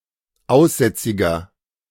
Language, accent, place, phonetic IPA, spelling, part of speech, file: German, Germany, Berlin, [ˈaʊ̯sˌzɛt͡sɪɡɐ], aussätziger, adjective, De-aussätziger.ogg
- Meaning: inflection of aussätzig: 1. strong/mixed nominative masculine singular 2. strong genitive/dative feminine singular 3. strong genitive plural